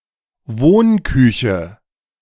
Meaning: eat-in kitchen
- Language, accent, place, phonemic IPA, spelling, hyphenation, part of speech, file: German, Germany, Berlin, /ˈvoːnˌkʏçə/, Wohnküche, Wohn‧kü‧che, noun, De-Wohnküche.ogg